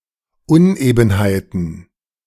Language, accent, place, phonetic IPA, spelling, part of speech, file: German, Germany, Berlin, [ˈʊnˌʔeːbn̩haɪ̯tn̩], Unebenheiten, noun, De-Unebenheiten.ogg
- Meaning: plural of Unebenheit